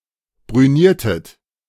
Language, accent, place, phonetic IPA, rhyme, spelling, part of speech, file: German, Germany, Berlin, [bʁyˈniːɐ̯tət], -iːɐ̯tət, brüniertet, verb, De-brüniertet.ogg
- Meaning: inflection of brünieren: 1. second-person plural preterite 2. second-person plural subjunctive II